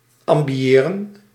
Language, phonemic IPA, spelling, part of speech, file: Dutch, /ɑmbiˈeːrə(n)/, ambiëren, verb, Nl-ambiëren.ogg
- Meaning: to aspire to